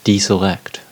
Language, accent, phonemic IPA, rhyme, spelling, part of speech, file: English, US, /ˌdiːsəˈlɛkt/, -ɛkt, deselect, verb, En-us-deselect.ogg
- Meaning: 1. To not select; to rule out of selection 2. To reject (an incumbent) as a party's candidate for a forthcoming election 3. To remove from an existing selection